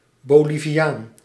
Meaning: Bolivian person
- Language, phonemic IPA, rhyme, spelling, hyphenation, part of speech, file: Dutch, /ˌboːliviˈaːn/, -aːn, Boliviaan, Bo‧li‧vi‧aan, noun, Nl-Boliviaan.ogg